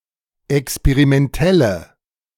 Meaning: inflection of experimentell: 1. strong/mixed nominative/accusative feminine singular 2. strong nominative/accusative plural 3. weak nominative all-gender singular
- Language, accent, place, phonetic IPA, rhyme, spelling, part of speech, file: German, Germany, Berlin, [ɛkspeʁimɛnˈtɛlə], -ɛlə, experimentelle, adjective, De-experimentelle.ogg